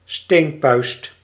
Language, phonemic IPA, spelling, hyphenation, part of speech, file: Dutch, /ˈsteːn.pœy̯st/, steenpuist, steen‧puist, noun, Nl-steenpuist.ogg
- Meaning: carbuncle, boil, furuncle